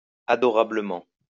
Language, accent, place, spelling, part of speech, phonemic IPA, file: French, France, Lyon, adorablement, adverb, /a.dɔ.ʁa.blə.mɑ̃/, LL-Q150 (fra)-adorablement.wav
- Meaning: adorably